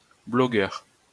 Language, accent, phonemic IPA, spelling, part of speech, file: French, France, /blɔ.ɡœʁ/, blogueur, noun, LL-Q150 (fra)-blogueur.wav
- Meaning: blogger